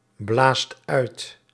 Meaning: inflection of uitblazen: 1. second/third-person singular present indicative 2. plural imperative
- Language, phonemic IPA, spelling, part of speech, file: Dutch, /ˈblast ˈœyt/, blaast uit, verb, Nl-blaast uit.ogg